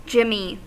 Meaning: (noun) 1. Sprinkles used as a topping for ice cream, cookies, or cupcakes 2. A marijuana cigarette 3. A device used to circumvent a locking mechanism
- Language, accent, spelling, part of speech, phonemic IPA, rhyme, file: English, US, jimmy, noun / verb, /ˈd͡ʒɪmi/, -ɪmi, En-us-jimmy.ogg